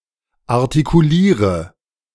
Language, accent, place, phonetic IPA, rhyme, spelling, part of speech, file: German, Germany, Berlin, [aʁtikuˈliːʁə], -iːʁə, artikuliere, verb, De-artikuliere.ogg
- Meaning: inflection of artikulieren: 1. first-person singular present 2. first/third-person singular subjunctive I 3. singular imperative